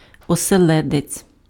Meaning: 1. herring 2. topknot (hairstyle favored by Ukrainian Cossacks)
- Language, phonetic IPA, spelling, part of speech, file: Ukrainian, [ɔseˈɫɛdet͡sʲ], оселедець, noun, Uk-оселедець.ogg